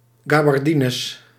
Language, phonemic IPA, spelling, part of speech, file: Dutch, /ɣɑ.bɑrˈdi.nəs/, gabardines, noun, Nl-gabardines.ogg
- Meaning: plural of gabardine